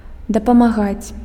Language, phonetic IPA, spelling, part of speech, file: Belarusian, [dapamaˈɣat͡sʲ], дапамагаць, verb, Be-дапамагаць.ogg
- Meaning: to assist, to help